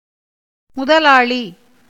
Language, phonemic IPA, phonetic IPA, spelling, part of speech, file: Tamil, /mʊd̪ɐlɑːɭiː/, [mʊd̪ɐläːɭiː], முதலாளி, noun, Ta-முதலாளி.ogg
- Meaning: 1. capitalist 2. landlord 3. proprietor, owner, one who invests in and runs a business 4. chief; president; responsible person